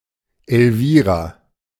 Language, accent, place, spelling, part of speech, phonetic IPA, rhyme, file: German, Germany, Berlin, Elvira, proper noun, [ɛlˈviːʁa], -iːʁa, De-Elvira.ogg
- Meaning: a female given name, equivalent to English Elvira